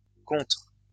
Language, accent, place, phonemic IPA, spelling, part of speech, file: French, France, Lyon, /kɔ̃.tʁə/, contre-, prefix, LL-Q150 (fra)-contre-.wav
- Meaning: counter-, anti-